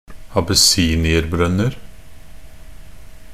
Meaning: indefinite plural of abessinierbrønn
- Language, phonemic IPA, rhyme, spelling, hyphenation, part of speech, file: Norwegian Bokmål, /abəˈsiːnɪərbrœnːər/, -ər, abessinierbrønner, ab‧es‧si‧ni‧er‧brønn‧er, noun, Nb-abessinierbrønner.ogg